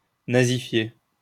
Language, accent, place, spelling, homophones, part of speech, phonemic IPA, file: French, France, Lyon, nazifier, nazifié / nazifiée / nazifiées / nazifiez, verb, /na.zi.fje/, LL-Q150 (fra)-nazifier.wav
- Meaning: to Nazify; to make more Nazi